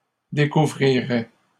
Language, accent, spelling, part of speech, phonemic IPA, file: French, Canada, découvrirait, verb, /de.ku.vʁi.ʁɛ/, LL-Q150 (fra)-découvrirait.wav
- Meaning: third-person singular conditional of découvrir